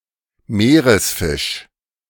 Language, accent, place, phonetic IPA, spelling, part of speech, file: German, Germany, Berlin, [ˈmeːʁəsˌfɪʃ], Meeresfisch, noun, De-Meeresfisch.ogg
- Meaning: saltwater fish, seafish